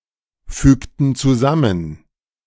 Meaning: inflection of zusammenfügen: 1. first/third-person plural preterite 2. first/third-person plural subjunctive II
- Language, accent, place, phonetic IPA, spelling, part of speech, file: German, Germany, Berlin, [ˌfyːktn̩ t͡suˈzamən], fügten zusammen, verb, De-fügten zusammen.ogg